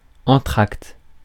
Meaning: 1. interval; intermission 2. interval act; half-time show
- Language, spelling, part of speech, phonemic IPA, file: French, entracte, noun, /ɑ̃.tʁakt/, Fr-entracte.ogg